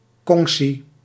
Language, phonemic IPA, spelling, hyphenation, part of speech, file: Dutch, /ˈkɔŋ.si/, kongsi, kong‧si, noun, Nl-kongsi.ogg
- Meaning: 1. kongsi 2. clique, coterie, cabal